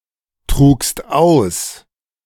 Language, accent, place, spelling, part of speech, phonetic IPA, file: German, Germany, Berlin, trugst aus, verb, [ˌtʁuːkst ˈaʊ̯s], De-trugst aus.ogg
- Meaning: second-person singular preterite of austragen